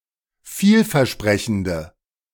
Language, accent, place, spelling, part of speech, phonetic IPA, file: German, Germany, Berlin, vielversprechende, adjective, [ˈfiːlfɛɐ̯ˌʃpʁɛçn̩də], De-vielversprechende.ogg
- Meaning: inflection of vielversprechend: 1. strong/mixed nominative/accusative feminine singular 2. strong nominative/accusative plural 3. weak nominative all-gender singular